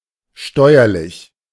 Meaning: 1. tax 2. conducive, helpful
- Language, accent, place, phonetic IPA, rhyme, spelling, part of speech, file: German, Germany, Berlin, [ˈʃtɔɪ̯ɐlɪç], -ɔɪ̯ɐlɪç, steuerlich, adjective, De-steuerlich.ogg